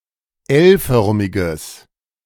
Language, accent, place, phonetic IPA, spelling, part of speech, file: German, Germany, Berlin, [ˈɛlˌfœʁmɪɡəs], L-förmiges, adjective, De-L-förmiges.ogg
- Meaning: strong/mixed nominative/accusative neuter singular of L-förmig